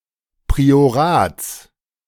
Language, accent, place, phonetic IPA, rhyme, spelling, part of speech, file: German, Germany, Berlin, [pʁioˈʁaːt͡s], -aːt͡s, Priorats, noun, De-Priorats.ogg
- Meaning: genitive singular of Priorat